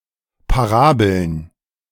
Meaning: plural of Parabel
- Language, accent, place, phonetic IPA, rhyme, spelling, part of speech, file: German, Germany, Berlin, [paˈʁaːbl̩n], -aːbl̩n, Parabeln, noun, De-Parabeln.ogg